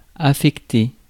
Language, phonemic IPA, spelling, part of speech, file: French, /a.fɛk.te/, affecter, verb, Fr-affecter.ogg
- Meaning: 1. to feign, affect (an emotion, etc.) 2. to allocate (something), 3. to assign someone, to post someone 4. to affect, influence